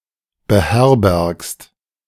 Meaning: second-person singular present of beherbergen
- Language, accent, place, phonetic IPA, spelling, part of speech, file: German, Germany, Berlin, [bəˈhɛʁbɛʁkst], beherbergst, verb, De-beherbergst.ogg